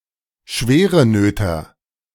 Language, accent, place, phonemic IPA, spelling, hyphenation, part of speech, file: German, Germany, Berlin, /ˈʃveːʁəˌnøːtɐ/, Schwerenöter, Schwe‧re‧nöt‧er, noun, De-Schwerenöter.ogg
- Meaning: smooth operator, womanizer